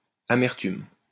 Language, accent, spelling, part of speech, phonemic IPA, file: French, France, amertume, noun, /a.mɛʁ.tym/, LL-Q150 (fra)-amertume.wav
- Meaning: bitterness